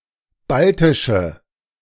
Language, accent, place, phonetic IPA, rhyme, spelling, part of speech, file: German, Germany, Berlin, [ˈbaltɪʃə], -altɪʃə, baltische, adjective, De-baltische.ogg
- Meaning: inflection of baltisch: 1. strong/mixed nominative/accusative feminine singular 2. strong nominative/accusative plural 3. weak nominative all-gender singular